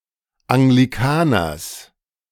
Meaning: genitive singular of Anglikaner
- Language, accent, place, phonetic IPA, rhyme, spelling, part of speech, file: German, Germany, Berlin, [aŋɡliˈkaːnɐs], -aːnɐs, Anglikaners, noun, De-Anglikaners.ogg